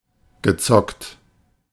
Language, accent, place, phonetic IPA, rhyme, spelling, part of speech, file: German, Germany, Berlin, [ɡəˈt͡sɔkt], -ɔkt, gezockt, verb, De-gezockt.ogg
- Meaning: past participle of zocken